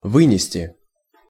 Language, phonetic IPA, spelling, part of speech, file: Russian, [ˈvɨnʲɪsʲtʲɪ], вынести, verb, Ru-вынести.ogg
- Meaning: 1. to carry out, to take out, to bring out, to remove 2. to transfer 3. to get, to acquire 4. to submit 5. to pass, to render, to pronounce (a decision or a verdict)